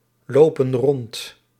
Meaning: inflection of rondlopen: 1. plural present indicative 2. plural present subjunctive
- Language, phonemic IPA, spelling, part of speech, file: Dutch, /ˈlopə(n) ˈrɔnt/, lopen rond, verb, Nl-lopen rond.ogg